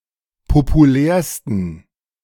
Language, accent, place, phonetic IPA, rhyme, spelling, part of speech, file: German, Germany, Berlin, [popuˈlɛːɐ̯stn̩], -ɛːɐ̯stn̩, populärsten, adjective, De-populärsten.ogg
- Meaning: 1. superlative degree of populär 2. inflection of populär: strong genitive masculine/neuter singular superlative degree